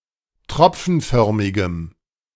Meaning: strong dative masculine/neuter singular of tropfenförmig
- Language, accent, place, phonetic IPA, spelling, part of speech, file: German, Germany, Berlin, [ˈtʁɔp͡fn̩ˌfœʁmɪɡəm], tropfenförmigem, adjective, De-tropfenförmigem.ogg